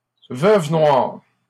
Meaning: 1. black widow (arachnid) 2. black widow (woman who kills)
- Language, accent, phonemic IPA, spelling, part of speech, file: French, Canada, /vœv nwaʁ/, veuve noire, noun, LL-Q150 (fra)-veuve noire.wav